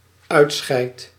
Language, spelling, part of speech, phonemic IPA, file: Dutch, uitscheid, verb, /ˈœy̯tˌsxɛi̯t/, Nl-uitscheid.ogg
- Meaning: first-person singular dependent-clause present indicative of uitscheiden